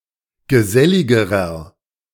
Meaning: inflection of gesellig: 1. strong/mixed nominative masculine singular comparative degree 2. strong genitive/dative feminine singular comparative degree 3. strong genitive plural comparative degree
- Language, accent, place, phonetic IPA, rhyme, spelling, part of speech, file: German, Germany, Berlin, [ɡəˈzɛlɪɡəʁɐ], -ɛlɪɡəʁɐ, geselligerer, adjective, De-geselligerer.ogg